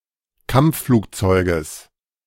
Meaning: genitive singular of Kampfflugzeug
- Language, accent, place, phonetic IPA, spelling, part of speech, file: German, Germany, Berlin, [ˈkamp͡ffluːkˌt͡sɔɪ̯ɡəs], Kampfflugzeuges, noun, De-Kampfflugzeuges.ogg